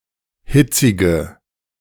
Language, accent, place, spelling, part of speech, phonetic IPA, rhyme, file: German, Germany, Berlin, hitzige, adjective, [ˈhɪt͡sɪɡə], -ɪt͡sɪɡə, De-hitzige.ogg
- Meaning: inflection of hitzig: 1. strong/mixed nominative/accusative feminine singular 2. strong nominative/accusative plural 3. weak nominative all-gender singular 4. weak accusative feminine/neuter singular